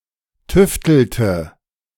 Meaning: inflection of tüfteln: 1. first/third-person singular preterite 2. first/third-person singular subjunctive II
- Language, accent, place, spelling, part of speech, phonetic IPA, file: German, Germany, Berlin, tüftelte, verb, [ˈtʏftl̩tə], De-tüftelte.ogg